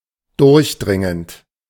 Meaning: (verb) present participle of durchdringen; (adjective) penetrating, pervasive, piercing
- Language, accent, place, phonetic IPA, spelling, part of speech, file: German, Germany, Berlin, [ˈdʊʁçˌdʁɪŋənt], durchdringend, verb, De-durchdringend.ogg